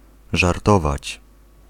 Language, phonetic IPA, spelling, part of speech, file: Polish, [ʒarˈtɔvat͡ɕ], żartować, verb, Pl-żartować.ogg